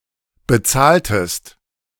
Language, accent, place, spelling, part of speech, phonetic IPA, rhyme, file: German, Germany, Berlin, bezahltest, verb, [bəˈt͡saːltəst], -aːltəst, De-bezahltest.ogg
- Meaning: inflection of bezahlen: 1. second-person singular preterite 2. second-person singular subjunctive II